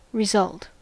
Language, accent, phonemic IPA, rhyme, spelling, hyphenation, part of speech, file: English, US, /ɹɪˈzʌlt/, -ʌlt, result, re‧sult, verb / noun / interjection, En-us-result.ogg
- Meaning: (verb) To proceed, spring up or rise, as a consequence, from facts, arguments, premises, combination of circumstances, consultation, thought or endeavor